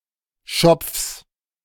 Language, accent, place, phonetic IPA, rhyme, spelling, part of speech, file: German, Germany, Berlin, [ʃɔp͡fs], -ɔp͡fs, Schopfs, noun, De-Schopfs.ogg
- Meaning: genitive singular of Schopf